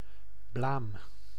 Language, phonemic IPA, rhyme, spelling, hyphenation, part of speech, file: Dutch, /blaːm/, -aːm, blaam, blaam, noun, Nl-blaam.ogg
- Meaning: blame